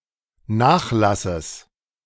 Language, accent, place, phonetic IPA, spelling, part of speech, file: German, Germany, Berlin, [ˈnaːxˌlasəs], Nachlasses, noun, De-Nachlasses.ogg
- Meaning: genitive of Nachlass